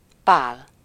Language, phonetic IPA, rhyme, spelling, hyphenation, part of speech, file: Hungarian, [ˈpaːl], -aːl, Pál, Pál, proper noun, Hu-Pál.ogg
- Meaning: a male given name, equivalent to English Paul